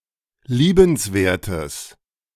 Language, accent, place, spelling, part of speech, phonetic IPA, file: German, Germany, Berlin, liebenswertes, adjective, [ˈliːbənsˌveːɐ̯təs], De-liebenswertes.ogg
- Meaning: strong/mixed nominative/accusative neuter singular of liebenswert